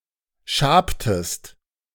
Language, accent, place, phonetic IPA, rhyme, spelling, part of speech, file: German, Germany, Berlin, [ˈʃaːptəst], -aːptəst, schabtest, verb, De-schabtest.ogg
- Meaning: inflection of schaben: 1. second-person singular preterite 2. second-person singular subjunctive II